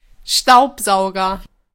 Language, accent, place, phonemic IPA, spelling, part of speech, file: German, Germany, Berlin, /ˈʃtaʊ̯pˌzaʊ̯ɡɐ/, Staubsauger, noun, De-Staubsauger.ogg
- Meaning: vacuum cleaner, hoover